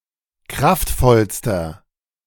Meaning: inflection of kraftvoll: 1. strong/mixed nominative masculine singular superlative degree 2. strong genitive/dative feminine singular superlative degree 3. strong genitive plural superlative degree
- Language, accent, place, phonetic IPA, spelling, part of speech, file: German, Germany, Berlin, [ˈkʁaftˌfɔlstɐ], kraftvollster, adjective, De-kraftvollster.ogg